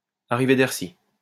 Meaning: farewell, goodbye, arrivederci
- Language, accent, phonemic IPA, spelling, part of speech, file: French, France, /a.ʁi.ve.dɛʁt.ʃi/, arrivederci, interjection, LL-Q150 (fra)-arrivederci.wav